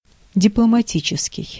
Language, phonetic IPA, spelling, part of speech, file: Russian, [dʲɪpɫəmɐˈtʲit͡ɕɪskʲɪj], дипломатический, adjective, Ru-дипломатический.ogg
- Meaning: diplomatic